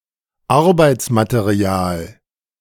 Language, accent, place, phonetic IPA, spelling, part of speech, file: German, Germany, Berlin, [ˈaʁbaɪ̯tsmateˌʁi̯aːl], Arbeitsmaterial, noun, De-Arbeitsmaterial.ogg
- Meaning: work material